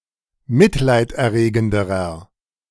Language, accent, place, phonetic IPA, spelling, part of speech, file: German, Germany, Berlin, [ˈmɪtlaɪ̯tʔɛɐ̯ˌʁeːɡn̩dəʁɐ], mitleiderregenderer, adjective, De-mitleiderregenderer.ogg
- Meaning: inflection of mitleiderregend: 1. strong/mixed nominative masculine singular comparative degree 2. strong genitive/dative feminine singular comparative degree